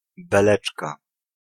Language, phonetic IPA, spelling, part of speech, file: Polish, [bɛˈlɛt͡ʃka], beleczka, noun, Pl-beleczka.ogg